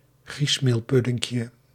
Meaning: diminutive of griesmeelpudding
- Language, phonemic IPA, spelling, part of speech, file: Dutch, /ˈɣrismelˌpʏdɪŋkjə/, griesmeelpuddinkje, noun, Nl-griesmeelpuddinkje.ogg